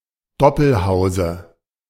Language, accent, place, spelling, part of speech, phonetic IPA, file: German, Germany, Berlin, Doppelhause, noun, [ˈdɔpl̩ˌhaʊ̯zə], De-Doppelhause.ogg
- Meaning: dative of Doppelhaus